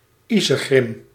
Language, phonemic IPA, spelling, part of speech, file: Dutch, /ˈizəɣrɪm/, iezegrim, noun, Nl-iezegrim.ogg
- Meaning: curmudgeon (an ill-tempered stubborn person)